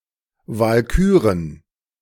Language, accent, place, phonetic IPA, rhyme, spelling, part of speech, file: German, Germany, Berlin, [valˈkyːʁən], -yːʁən, Walküren, noun, De-Walküren.ogg
- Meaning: plural of Walküre